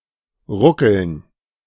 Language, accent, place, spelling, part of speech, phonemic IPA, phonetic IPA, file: German, Germany, Berlin, ruckeln, verb, /ˈʁʊkəln/, [ˈʁʊ.kl̩n], De-ruckeln.ogg
- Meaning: to shake, to jerk repeatedly (e.g. of a train or a disturbed TV picture)